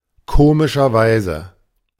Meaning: 1. funnily enough 2. strangely enough
- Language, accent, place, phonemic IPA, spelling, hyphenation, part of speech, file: German, Germany, Berlin, /ˈkoːmɪʃɐˌvaɪ̯zə/, komischerweise, ko‧mi‧scher‧wei‧se, adverb, De-komischerweise.ogg